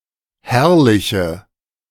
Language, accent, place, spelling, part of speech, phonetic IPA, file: German, Germany, Berlin, herrliche, adjective, [ˈhɛʁlɪçə], De-herrliche.ogg
- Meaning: inflection of herrlich: 1. strong/mixed nominative/accusative feminine singular 2. strong nominative/accusative plural 3. weak nominative all-gender singular